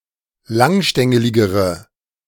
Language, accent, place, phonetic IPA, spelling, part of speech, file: German, Germany, Berlin, [ˈlaŋˌʃtɛŋəlɪɡəʁə], langstängeligere, adjective, De-langstängeligere.ogg
- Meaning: inflection of langstängelig: 1. strong/mixed nominative/accusative feminine singular comparative degree 2. strong nominative/accusative plural comparative degree